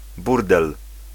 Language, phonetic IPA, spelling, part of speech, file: Polish, [ˈburdɛl], burdel, noun, Pl-burdel.ogg